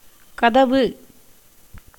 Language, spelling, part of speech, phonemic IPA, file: Tamil, கதவு, noun, /kɐd̪ɐʋɯ/, Ta-கதவு.ogg
- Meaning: door, gate